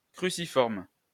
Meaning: cruciform, cross-shaped
- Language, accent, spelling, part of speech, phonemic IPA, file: French, France, cruciforme, adjective, /kʁy.si.fɔʁm/, LL-Q150 (fra)-cruciforme.wav